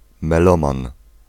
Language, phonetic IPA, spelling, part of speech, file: Polish, [mɛˈlɔ̃mãn], meloman, noun, Pl-meloman.ogg